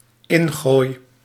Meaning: throw-in
- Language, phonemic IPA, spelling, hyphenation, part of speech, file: Dutch, /ˈɪnˌɣoːi̯/, ingooi, in‧gooi, noun, Nl-ingooi.ogg